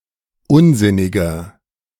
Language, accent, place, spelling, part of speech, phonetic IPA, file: German, Germany, Berlin, unsinniger, adjective, [ˈʊnˌzɪnɪɡɐ], De-unsinniger.ogg
- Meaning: 1. comparative degree of unsinnig 2. inflection of unsinnig: strong/mixed nominative masculine singular 3. inflection of unsinnig: strong genitive/dative feminine singular